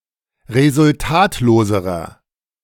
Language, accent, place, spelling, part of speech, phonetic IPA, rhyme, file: German, Germany, Berlin, resultatloserer, adjective, [ʁezʊlˈtaːtloːzəʁɐ], -aːtloːzəʁɐ, De-resultatloserer.ogg
- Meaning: inflection of resultatlos: 1. strong/mixed nominative masculine singular comparative degree 2. strong genitive/dative feminine singular comparative degree 3. strong genitive plural comparative degree